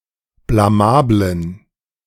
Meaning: inflection of blamabel: 1. strong genitive masculine/neuter singular 2. weak/mixed genitive/dative all-gender singular 3. strong/weak/mixed accusative masculine singular 4. strong dative plural
- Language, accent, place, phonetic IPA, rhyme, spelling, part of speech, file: German, Germany, Berlin, [blaˈmaːblən], -aːblən, blamablen, adjective, De-blamablen.ogg